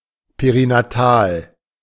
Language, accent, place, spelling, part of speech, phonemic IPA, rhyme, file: German, Germany, Berlin, perinatal, adjective, /peʁinaˈtaːl/, -aːl, De-perinatal.ogg
- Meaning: perinatal